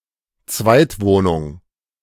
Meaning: pied-à-terre; second home (a secondary place to live, e.g. for someone who works far away from their family home)
- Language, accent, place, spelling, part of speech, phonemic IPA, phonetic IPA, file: German, Germany, Berlin, Zweitwohnung, noun, /ˈtsvaɪ̯tˌvoːnʊŋ/, [ˈt͡sʋäe̯tˌvoːnʊŋ(k)], De-Zweitwohnung.ogg